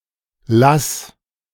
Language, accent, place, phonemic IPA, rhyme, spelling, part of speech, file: German, Germany, Berlin, /las/, -as, lass, verb, De-lass.ogg
- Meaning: 1. singular imperative of lassen 2. first-person singular present of lassen